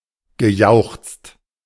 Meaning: past participle of jauchzen
- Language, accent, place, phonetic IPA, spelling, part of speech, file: German, Germany, Berlin, [ɡəˈjaʊ̯xt͡st], gejauchzt, verb, De-gejauchzt.ogg